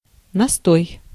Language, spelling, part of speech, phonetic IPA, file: Russian, настой, noun, [nɐˈstoj], Ru-настой.ogg
- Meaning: infusion